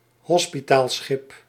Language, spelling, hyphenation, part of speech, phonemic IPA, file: Dutch, hospitaalschip, hos‧pi‧taal‧schip, noun, /ˈɦɔs.pi.taːlˌsxɪp/, Nl-hospitaalschip.ogg
- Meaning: a hospital ship